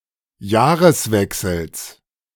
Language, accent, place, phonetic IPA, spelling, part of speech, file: German, Germany, Berlin, [ˈjaːʁəsˌvɛksl̩s], Jahreswechsels, noun, De-Jahreswechsels.ogg
- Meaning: genitive singular of Jahreswechsel